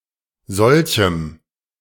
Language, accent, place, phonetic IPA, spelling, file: German, Germany, Berlin, [ˈzɔlçm̩], solchem, De-solchem.ogg
- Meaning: strong dative masculine/neuter singular of solch